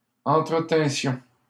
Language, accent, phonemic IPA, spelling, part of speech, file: French, Canada, /ɑ̃.tʁə.tɛ̃.sjɔ̃/, entretinssions, verb, LL-Q150 (fra)-entretinssions.wav
- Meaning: first-person plural imperfect subjunctive of entretenir